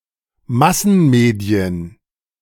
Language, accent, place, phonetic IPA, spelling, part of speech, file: German, Germany, Berlin, [ˈmasn̩ˌmeːdi̯ən], Massenmedien, noun, De-Massenmedien.ogg
- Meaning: plural of Massenmedium